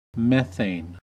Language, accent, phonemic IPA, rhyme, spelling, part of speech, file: English, US, /ˈmɛθeɪn/, -ɛθeɪn, methane, noun, En-us-methane.ogg
- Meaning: 1. The simplest aliphatic hydrocarbon, CH₄, being a constituent of natural gas, and one of the most abundant greenhouse gases 2. Any of very many derivatives of methane